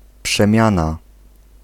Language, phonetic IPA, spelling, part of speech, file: Polish, [pʃɛ̃ˈmʲjãna], przemiana, noun, Pl-przemiana.ogg